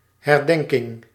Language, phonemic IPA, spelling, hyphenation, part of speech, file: Dutch, /ˌɦɛrˈdɛŋ.kɪŋ/, herdenking, her‧den‧king, noun, Nl-herdenking.ogg
- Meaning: commemoration